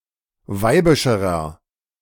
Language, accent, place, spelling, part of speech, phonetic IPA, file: German, Germany, Berlin, weibischerer, adjective, [ˈvaɪ̯bɪʃəʁɐ], De-weibischerer.ogg
- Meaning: inflection of weibisch: 1. strong/mixed nominative masculine singular comparative degree 2. strong genitive/dative feminine singular comparative degree 3. strong genitive plural comparative degree